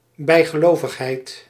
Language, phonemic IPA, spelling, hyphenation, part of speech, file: Dutch, /ˌbɛi̯.ɣəˈloː.vəx.ɦɛi̯t/, bijgelovigheid, bij‧ge‧lo‧vig‧heid, noun, Nl-bijgelovigheid.ogg
- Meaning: 1. superstition (superstitious belief) 2. superstition (tendency to be superstitious)